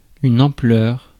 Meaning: 1. scale, size, extent, scope (of problem, project, deficit etc.) 2. volume (of sound) 3. fullness 4. opulence, liberalness (of style etc.)
- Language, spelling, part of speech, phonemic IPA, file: French, ampleur, noun, /ɑ̃.plœʁ/, Fr-ampleur.ogg